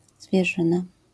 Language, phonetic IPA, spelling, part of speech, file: Polish, [zvʲjɛˈʒɨ̃na], zwierzyna, noun, LL-Q809 (pol)-zwierzyna.wav